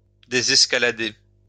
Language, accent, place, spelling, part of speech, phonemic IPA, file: French, France, Lyon, désescalader, verb, /de.zɛs.ka.la.de/, LL-Q150 (fra)-désescalader.wav
- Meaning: to climb down